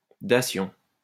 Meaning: the act of giving
- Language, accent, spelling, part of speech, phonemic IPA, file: French, France, dation, noun, /da.sjɔ̃/, LL-Q150 (fra)-dation.wav